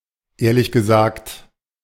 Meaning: to be honest, truth be told, actually
- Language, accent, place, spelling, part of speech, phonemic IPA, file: German, Germany, Berlin, ehrlich gesagt, phrase, /... ɡəˈza(ː)xt/, De-ehrlich gesagt.ogg